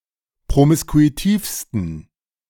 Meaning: 1. superlative degree of promiskuitiv 2. inflection of promiskuitiv: strong genitive masculine/neuter singular superlative degree
- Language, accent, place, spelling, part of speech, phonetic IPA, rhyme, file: German, Germany, Berlin, promiskuitivsten, adjective, [pʁomɪskuiˈtiːfstn̩], -iːfstn̩, De-promiskuitivsten.ogg